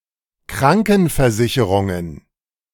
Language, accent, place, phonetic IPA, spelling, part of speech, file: German, Germany, Berlin, [ˈkʁaŋkn̩fɛɐ̯ˌzɪçəʁʊŋən], Krankenversicherungen, noun, De-Krankenversicherungen.ogg
- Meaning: plural of Krankenversicherung